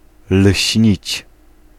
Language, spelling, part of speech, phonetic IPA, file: Polish, lśnić, verb, [l̥ʲɕɲit͡ɕ], Pl-lśnić.ogg